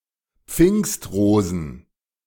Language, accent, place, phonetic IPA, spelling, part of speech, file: German, Germany, Berlin, [ˈp͡fɪŋstˌʁoːzn̩], Pfingstrosen, noun, De-Pfingstrosen.ogg
- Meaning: plural of Pfingstrose